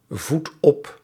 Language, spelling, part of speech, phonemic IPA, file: Dutch, voed op, verb, /ˈvut ˈɔp/, Nl-voed op.ogg
- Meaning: inflection of opvoeden: 1. first-person singular present indicative 2. second-person singular present indicative 3. imperative